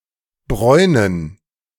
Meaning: 1. to suntan, to become tan in color 2. to cause someone to suntan, to cause to become tan in color, to brown (something in hot fat or oil)
- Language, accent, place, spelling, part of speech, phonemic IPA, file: German, Germany, Berlin, bräunen, verb, /ˈbʁɔɪ̯nən/, De-bräunen.ogg